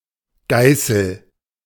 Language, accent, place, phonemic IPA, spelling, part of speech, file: German, Germany, Berlin, /ˈɡaɪ̯səl/, Geißel, noun, De-Geißel.ogg
- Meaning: 1. synonym of Peitsche (“whip”) 2. scourge (whip used for flagellation) 3. scourge (persistent source of harm, especially when seen as divine punishment) 4. flagellum